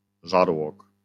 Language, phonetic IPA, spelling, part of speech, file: Polish, [ˈʒarwɔk], żarłok, noun, LL-Q809 (pol)-żarłok.wav